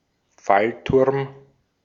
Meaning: drop tower
- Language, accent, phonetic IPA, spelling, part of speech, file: German, Austria, [ˈfalˌtʊʁm], Fallturm, noun, De-at-Fallturm.ogg